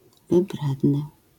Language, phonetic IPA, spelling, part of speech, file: Polish, [vɨˈbrɛdnɨ], wybredny, adjective, LL-Q809 (pol)-wybredny.wav